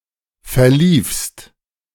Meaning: second-person singular preterite of verlaufen
- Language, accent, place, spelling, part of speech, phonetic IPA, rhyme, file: German, Germany, Berlin, verliefst, verb, [fɛɐ̯ˈliːfst], -iːfst, De-verliefst.ogg